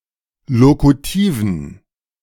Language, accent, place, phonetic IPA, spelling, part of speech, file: German, Germany, Berlin, [ˈlokutiːvən], lokutiven, adjective, De-lokutiven.ogg
- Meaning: inflection of lokutiv: 1. strong genitive masculine/neuter singular 2. weak/mixed genitive/dative all-gender singular 3. strong/weak/mixed accusative masculine singular 4. strong dative plural